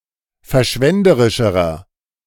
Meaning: inflection of verschwenderisch: 1. strong/mixed nominative masculine singular comparative degree 2. strong genitive/dative feminine singular comparative degree
- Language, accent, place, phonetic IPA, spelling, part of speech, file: German, Germany, Berlin, [fɛɐ̯ˈʃvɛndəʁɪʃəʁɐ], verschwenderischerer, adjective, De-verschwenderischerer.ogg